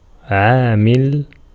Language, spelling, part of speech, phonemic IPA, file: Arabic, عامل, adjective / noun, /ʕaː.mil/, Ar-عامل.ogg
- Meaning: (adjective) active, effective; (noun) 1. factor, constituent, element, causative agent 2. factor (e.g. 6 is a factor of 24) 3. motive power